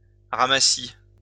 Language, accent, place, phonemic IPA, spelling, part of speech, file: French, France, Lyon, /ʁa.ma.si/, ramassis, noun, LL-Q150 (fra)-ramassis.wav
- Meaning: 1. bunch 2. jumble 3. scraps, slops, swill 4. debris deposited by storms